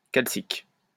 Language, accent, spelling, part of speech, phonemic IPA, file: French, France, calcique, adjective, /kal.sik/, LL-Q150 (fra)-calcique.wav
- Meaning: calcic